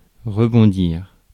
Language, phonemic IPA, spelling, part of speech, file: French, /ʁə.bɔ̃.diʁ/, rebondir, verb, Fr-rebondir.ogg
- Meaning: 1. to bounce, rebound 2. to pick oneself up, to get back on one's feet